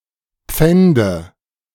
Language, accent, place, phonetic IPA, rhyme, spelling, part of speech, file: German, Germany, Berlin, [ˈp͡fɛndə], -ɛndə, pfände, verb, De-pfände.ogg
- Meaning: inflection of pfänden: 1. first-person singular present 2. singular imperative 3. first/third-person singular subjunctive I